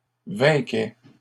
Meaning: third-person singular imperfect indicative of vaincre
- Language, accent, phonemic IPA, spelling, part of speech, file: French, Canada, /vɛ̃.kɛ/, vainquait, verb, LL-Q150 (fra)-vainquait.wav